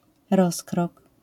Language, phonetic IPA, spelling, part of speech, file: Polish, [ˈrɔskrɔk], rozkrok, noun, LL-Q809 (pol)-rozkrok.wav